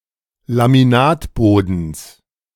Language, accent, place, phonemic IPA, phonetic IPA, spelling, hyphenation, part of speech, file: German, Germany, Berlin, /lamiˈnaːtˌboːdəns/, [lamiˈnaːtˌboːdn̩s], Laminatbodens, La‧mi‧nat‧bo‧dens, noun, De-Laminatbodens.ogg
- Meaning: genitive singular of Laminatboden